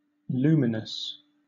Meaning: 1. Emitting light; glowing brightly; shining 2. Brightly illuminated 3. Clear; enlightening; easy to understand
- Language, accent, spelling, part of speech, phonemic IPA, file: English, Southern England, luminous, adjective, /ˈluːmɪnəs/, LL-Q1860 (eng)-luminous.wav